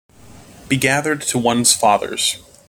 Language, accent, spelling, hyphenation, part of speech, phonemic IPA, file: English, General American, be gathered to one's fathers, be ga‧thered to one's fa‧thers, verb, /bi ˈɡæðɚd tə wʌnz ˈfɑðɚz/, En-us-be gathered to one's fathers.mp3
- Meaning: To be buried together with one's forebears; hence, to die